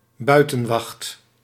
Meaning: 1. outsiders 2. safety supervisor for confined spaces 3. outside guard 4. guard duty outside 5. having to stay outside (usually with hebben or krijgen)
- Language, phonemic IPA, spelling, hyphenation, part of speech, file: Dutch, /ˈbœy̯.tə(n).ʋɑxt/, buitenwacht, bui‧ten‧wacht, noun, Nl-buitenwacht.ogg